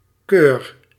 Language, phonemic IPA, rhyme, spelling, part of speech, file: Dutch, /køːr/, -øːr, keur, noun / verb, Nl-keur.ogg
- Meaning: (noun) 1. choice 2. selection 3. elite 4. seal, label from a (quality) control organization 5. a charter, feudal ordinance or privilege in writing